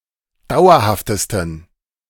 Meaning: 1. superlative degree of dauerhaft 2. inflection of dauerhaft: strong genitive masculine/neuter singular superlative degree
- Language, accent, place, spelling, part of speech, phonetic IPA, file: German, Germany, Berlin, dauerhaftesten, adjective, [ˈdaʊ̯ɐhaftəstn̩], De-dauerhaftesten.ogg